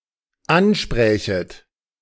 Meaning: second-person plural dependent subjunctive II of ansprechen
- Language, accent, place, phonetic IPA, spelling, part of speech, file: German, Germany, Berlin, [ˈanˌʃpʁɛːçət], ansprächet, verb, De-ansprächet.ogg